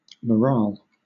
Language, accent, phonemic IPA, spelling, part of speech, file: English, Southern England, /məˈɹɑːl/, morale, noun, LL-Q1860 (eng)-morale.wav
- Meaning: The mental and emotional state of a person or group, especially their level of confidence, enthusiasm, and loyalty with regard to a function or task